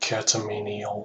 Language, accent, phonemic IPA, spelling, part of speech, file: English, US, /kæ.təˈmi.nɪ.əl/, catamenial, adjective, Catamenial US.ogg
- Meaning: Of or relating to the menses or menstruation